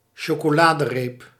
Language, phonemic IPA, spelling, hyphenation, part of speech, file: Dutch, /ʃoː.koːˈlaː.dəˌreːp/, chocoladereep, cho‧co‧la‧de‧reep, noun, Nl-chocoladereep.ogg
- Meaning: a chocolate bar